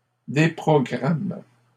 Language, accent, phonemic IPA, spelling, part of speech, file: French, Canada, /de.pʁɔ.ɡʁam/, déprogramment, verb, LL-Q150 (fra)-déprogramment.wav
- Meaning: third-person plural present indicative/subjunctive of déprogrammer